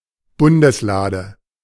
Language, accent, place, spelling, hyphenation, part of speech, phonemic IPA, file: German, Germany, Berlin, Bundeslade, Bun‧des‧la‧de, noun, /ˈbʊndəsˌlaːdə/, De-Bundeslade.ogg
- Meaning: the Ark of the Covenant